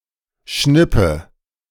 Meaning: inflection of schnippen: 1. first-person singular present 2. first/third-person singular subjunctive I 3. singular imperative
- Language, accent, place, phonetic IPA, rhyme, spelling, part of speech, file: German, Germany, Berlin, [ˈʃnɪpə], -ɪpə, schnippe, verb, De-schnippe.ogg